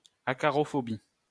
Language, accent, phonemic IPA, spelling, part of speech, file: French, France, /a.ka.ʁɔ.fɔ.bi/, acarophobie, noun, LL-Q150 (fra)-acarophobie.wav
- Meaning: acarophobia